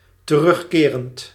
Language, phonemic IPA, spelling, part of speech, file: Dutch, /t(ə)ˈrʏxkerənt/, terugkerend, verb / adjective, Nl-terugkerend.ogg
- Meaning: present participle of terugkeren